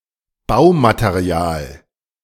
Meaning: building / construction material
- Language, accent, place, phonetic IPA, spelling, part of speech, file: German, Germany, Berlin, [ˈbaʊ̯mateˌʁi̯aːl], Baumaterial, noun, De-Baumaterial.ogg